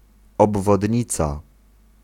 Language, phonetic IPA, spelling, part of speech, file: Polish, [ˌɔbvɔdʲˈɲit͡sa], obwodnica, noun, Pl-obwodnica.ogg